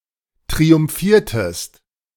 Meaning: inflection of triumphieren: 1. second-person singular preterite 2. second-person singular subjunctive II
- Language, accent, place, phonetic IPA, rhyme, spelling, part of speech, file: German, Germany, Berlin, [tʁiʊmˈfiːɐ̯təst], -iːɐ̯təst, triumphiertest, verb, De-triumphiertest.ogg